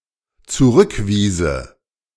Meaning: first/third-person singular dependent subjunctive II of zurückweisen
- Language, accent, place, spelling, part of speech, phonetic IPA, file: German, Germany, Berlin, zurückwiese, verb, [t͡suˈʁʏkˌviːzə], De-zurückwiese.ogg